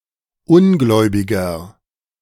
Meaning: 1. infidel, heathen, disbeliever, unbeliever (male or of unspecified gender) 2. nonbeliever (male or of unspecified gender) 3. inflection of Ungläubige: strong genitive/dative singular
- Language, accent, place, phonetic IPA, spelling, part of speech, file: German, Germany, Berlin, [ˈʊnˌɡlɔɪ̯bɪɡɐ], Ungläubiger, noun, De-Ungläubiger.ogg